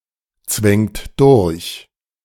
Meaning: inflection of durchzwängen: 1. third-person singular present 2. second-person plural present 3. plural imperative
- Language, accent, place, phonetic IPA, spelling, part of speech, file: German, Germany, Berlin, [ˌt͡svɛŋt ˈdʊʁç], zwängt durch, verb, De-zwängt durch.ogg